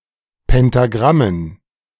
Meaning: dative plural of Pentagramm
- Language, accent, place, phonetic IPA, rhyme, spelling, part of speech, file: German, Germany, Berlin, [pɛntaˈɡʁamən], -amən, Pentagrammen, noun, De-Pentagrammen.ogg